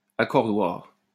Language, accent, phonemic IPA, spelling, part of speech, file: French, France, /a.kɔʁ.dwaʁ/, accordoir, noun, LL-Q150 (fra)-accordoir.wav
- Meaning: tuning wrench